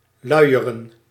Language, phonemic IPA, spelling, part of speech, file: Dutch, /ˈlœyjərə(n)/, luieren, verb, Nl-luieren.ogg
- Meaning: to be lazy